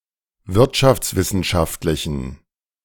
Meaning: inflection of wirtschaftswissenschaftlich: 1. strong genitive masculine/neuter singular 2. weak/mixed genitive/dative all-gender singular 3. strong/weak/mixed accusative masculine singular
- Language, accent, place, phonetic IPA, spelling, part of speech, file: German, Germany, Berlin, [ˈvɪʁtʃaft͡sˌvɪsn̩ʃaftlɪçn̩], wirtschaftswissenschaftlichen, adjective, De-wirtschaftswissenschaftlichen.ogg